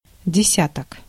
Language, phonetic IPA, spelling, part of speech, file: Russian, [dʲɪˈsʲatək], десяток, noun, Ru-десяток.ogg
- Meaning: 1. ten, set of ten 2. tens, ten's place 3. decade 4. dozens of, many 5. genitive plural of деся́тка (desjátka)